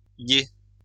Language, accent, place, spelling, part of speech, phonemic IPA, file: French, France, Lyon, -ier, suffix, /je/, LL-Q150 (fra)--ier.wav
- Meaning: 1. forms the names of trees or bushes bearing a particular type of fruit 2. forms the names of ships 3. forms the names of jobs 4. forms adjectives